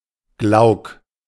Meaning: velvety, frosted
- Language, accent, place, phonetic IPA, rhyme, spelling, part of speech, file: German, Germany, Berlin, [ɡlaʊ̯k], -aʊ̯k, glauk, adjective, De-glauk.ogg